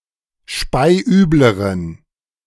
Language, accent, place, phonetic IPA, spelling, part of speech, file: German, Germany, Berlin, [ˈʃpaɪ̯ˈʔyːbləʁən], speiübleren, adjective, De-speiübleren.ogg
- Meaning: inflection of speiübel: 1. strong genitive masculine/neuter singular comparative degree 2. weak/mixed genitive/dative all-gender singular comparative degree